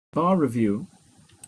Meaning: A course of study designed to prepare someone to take a bar examination
- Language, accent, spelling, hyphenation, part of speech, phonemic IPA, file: English, Received Pronunciation, bar review, bar re‧view, noun, /ˈbɑː ɹɪˌvjuː/, En-uk-bar review.opus